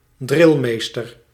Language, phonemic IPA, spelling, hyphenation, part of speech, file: Dutch, /ˈdrɪlˌmeːs.tər/, drilmeester, dril‧mees‧ter, noun, Nl-drilmeester.ogg
- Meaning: drillmaster